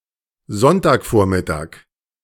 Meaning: Sunday morning (time before noon)
- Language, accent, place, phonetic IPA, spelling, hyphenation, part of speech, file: German, Germany, Berlin, [ˈzɔntaːkˌfoːɐ̯mɪtaːk], Sonntagvormittag, Sonn‧tag‧vor‧mit‧tag, noun, De-Sonntagvormittag.ogg